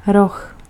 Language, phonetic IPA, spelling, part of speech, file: Czech, [ˈrox], roh, noun, Cs-roh.ogg
- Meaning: 1. horn (a hard growth of keratin that protrudes from the top of the head of certain animals) 2. horn (any of several musical wind instruments) 3. corner (of a street)